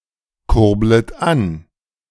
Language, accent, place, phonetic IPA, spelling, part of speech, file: German, Germany, Berlin, [ˌkʊʁblət ˈan], kurblet an, verb, De-kurblet an.ogg
- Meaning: second-person plural subjunctive I of ankurbeln